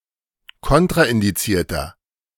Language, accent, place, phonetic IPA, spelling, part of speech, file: German, Germany, Berlin, [ˈkɔntʁaʔɪndiˌt͡siːɐ̯tɐ], kontraindizierter, adjective, De-kontraindizierter.ogg
- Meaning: inflection of kontraindiziert: 1. strong/mixed nominative masculine singular 2. strong genitive/dative feminine singular 3. strong genitive plural